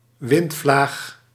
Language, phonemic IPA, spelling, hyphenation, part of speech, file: Dutch, /ˈʋɪnt.flaːx/, windvlaag, wind‧vlaag, noun, Nl-windvlaag.ogg
- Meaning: gust